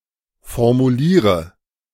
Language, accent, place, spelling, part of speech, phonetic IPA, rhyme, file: German, Germany, Berlin, formuliere, verb, [fɔʁmuˈliːʁə], -iːʁə, De-formuliere.ogg
- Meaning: inflection of formulieren: 1. first-person singular present 2. first/third-person singular subjunctive I 3. singular imperative